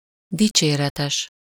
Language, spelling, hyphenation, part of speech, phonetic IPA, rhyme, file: Hungarian, dicséretes, di‧csé‧re‧tes, adjective, [ˈdit͡ʃeːrɛtɛʃ], -ɛʃ, Hu-dicséretes.ogg
- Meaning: praiseworthy, laudable, commendable